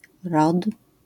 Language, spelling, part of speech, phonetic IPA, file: Polish, rod, noun, [rɔt], LL-Q809 (pol)-rod.wav